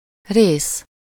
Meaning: 1. part, piece 2. section, segment, stretch 3. share, portion, allotment 4. episode, installment, part (in a series)
- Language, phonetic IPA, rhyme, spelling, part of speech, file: Hungarian, [ˈreːs], -eːs, rész, noun, Hu-rész.ogg